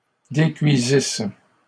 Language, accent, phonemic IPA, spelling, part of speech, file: French, Canada, /de.kɥi.zis/, décuisissent, verb, LL-Q150 (fra)-décuisissent.wav
- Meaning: third-person plural imperfect subjunctive of décuire